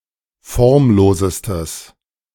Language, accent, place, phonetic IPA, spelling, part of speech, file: German, Germany, Berlin, [ˈfɔʁmˌloːzəstəs], formlosestes, adjective, De-formlosestes.ogg
- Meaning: strong/mixed nominative/accusative neuter singular superlative degree of formlos